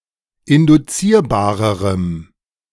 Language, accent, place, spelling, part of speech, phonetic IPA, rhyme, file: German, Germany, Berlin, induzierbarerem, adjective, [ɪndʊˈt͡siːɐ̯baːʁəʁəm], -iːɐ̯baːʁəʁəm, De-induzierbarerem.ogg
- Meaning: strong dative masculine/neuter singular comparative degree of induzierbar